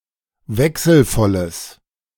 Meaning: strong/mixed nominative/accusative neuter singular of wechselvoll
- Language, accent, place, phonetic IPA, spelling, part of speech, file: German, Germany, Berlin, [ˈvɛksl̩ˌfɔləs], wechselvolles, adjective, De-wechselvolles.ogg